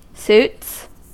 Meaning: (noun) plural of suit; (verb) third-person singular simple present indicative of suit
- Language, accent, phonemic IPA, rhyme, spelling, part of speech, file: English, US, /s(j)uːts/, -uːts, suits, noun / verb, En-us-suits.ogg